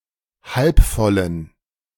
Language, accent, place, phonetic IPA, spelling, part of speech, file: German, Germany, Berlin, [ˈhalpˌfɔlən], halbvollen, adjective, De-halbvollen.ogg
- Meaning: inflection of halbvoll: 1. strong genitive masculine/neuter singular 2. weak/mixed genitive/dative all-gender singular 3. strong/weak/mixed accusative masculine singular 4. strong dative plural